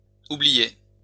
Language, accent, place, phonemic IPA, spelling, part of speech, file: French, France, Lyon, /u.bli.je/, oubliai, verb, LL-Q150 (fra)-oubliai.wav
- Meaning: first-person singular past historic of oublier